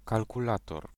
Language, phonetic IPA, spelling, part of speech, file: Polish, [ˌkalkuˈlatɔr], kalkulator, noun, Pl-kalkulator.ogg